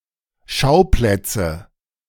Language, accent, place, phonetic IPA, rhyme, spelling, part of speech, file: German, Germany, Berlin, [ˈʃaʊ̯ˌplɛt͡sə], -aʊ̯plɛt͡sə, Schauplätze, noun, De-Schauplätze.ogg
- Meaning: nominative/accusative/genitive plural of Schauplatz